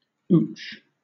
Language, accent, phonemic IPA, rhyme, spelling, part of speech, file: English, Southern England, /uːt͡ʃ/, -uːtʃ, ooch, verb / noun / interjection, LL-Q1860 (eng)-ooch.wav
- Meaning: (verb) 1. To move or slide (oneself or someone, or something) by a small amount 2. To cause (oneself or someone, or something) to change or progress by a small amount or in small increments